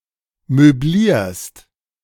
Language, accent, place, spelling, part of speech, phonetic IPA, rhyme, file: German, Germany, Berlin, möblierst, verb, [møˈbliːɐ̯st], -iːɐ̯st, De-möblierst.ogg
- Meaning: second-person singular present of möblieren